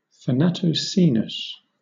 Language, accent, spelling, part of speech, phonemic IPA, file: English, Southern England, thanatocoenose, noun, /θəˌnætəʊˈsiːnəʊs/, LL-Q1860 (eng)-thanatocoenose.wav
- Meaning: A collection of dead life forms that are found together, having previously interacted as a community within an ecosystem